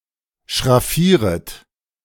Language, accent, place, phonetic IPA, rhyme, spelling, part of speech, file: German, Germany, Berlin, [ʃʁaˈfiːʁət], -iːʁət, schraffieret, verb, De-schraffieret.ogg
- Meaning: second-person plural subjunctive I of schraffieren